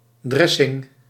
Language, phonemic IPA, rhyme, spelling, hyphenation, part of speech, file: Dutch, /ˈdrɛ.sɪŋ/, -ɛsɪŋ, dressing, dres‧sing, noun, Nl-dressing.ogg
- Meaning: 1. dressing (cold sauce for salads) 2. walk-in closet, dressing room